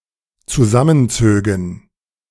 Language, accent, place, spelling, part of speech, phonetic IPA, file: German, Germany, Berlin, zusammenzögen, verb, [t͡suˈzamənˌt͡søːɡn̩], De-zusammenzögen.ogg
- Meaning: first/third-person plural dependent subjunctive II of zusammenziehen